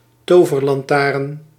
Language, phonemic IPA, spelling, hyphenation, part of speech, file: Dutch, /ˈtoː.vər.lɑnˌtaːrn/, toverlantaarn, to‧ver‧lan‧taarn, noun, Nl-toverlantaarn.ogg
- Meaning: 1. a magic lantern 2. an ugly person, a monster, in particular an ugly woman